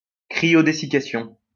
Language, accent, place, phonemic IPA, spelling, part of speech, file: French, France, Lyon, /kʁi.jo.de.si.ka.sjɔ̃/, cryodessiccation, noun, LL-Q150 (fra)-cryodessiccation.wav
- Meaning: cryodesiccation